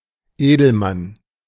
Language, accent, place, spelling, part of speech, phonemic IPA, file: German, Germany, Berlin, Edelmann, noun, /ˈeː.dl̩.ˌman/, De-Edelmann.ogg
- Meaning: nobleman, noble